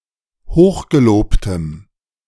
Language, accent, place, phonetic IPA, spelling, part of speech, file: German, Germany, Berlin, [ˈhoːxɡeˌloːptəm], hochgelobtem, adjective, De-hochgelobtem.ogg
- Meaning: strong dative masculine/neuter singular of hochgelobt